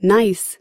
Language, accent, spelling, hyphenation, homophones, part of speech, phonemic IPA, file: English, US, nice, nice, gneiss, adjective / adverb / interjection / noun / verb, /naɪ̯s/, En-us-nice.ogg
- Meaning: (adjective) 1. Pleasant, satisfactory, complimentary 2. Of a person: friendly, attractive 3. Respectable; virtuous